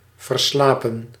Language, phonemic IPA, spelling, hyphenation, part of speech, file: Dutch, /ˌvərˈslaː.pə(n)/, verslapen, ver‧sla‧pen, verb, Nl-verslapen.ogg
- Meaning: 1. to oversleep 2. past participle of verslapen